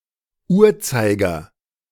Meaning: hand
- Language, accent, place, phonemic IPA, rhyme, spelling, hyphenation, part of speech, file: German, Germany, Berlin, /ˈuːrˌtsaɪ̯ɡɐ/, -aɪ̯ɡɐ, Uhrzeiger, Uhr‧zei‧ger, noun, De-Uhrzeiger.ogg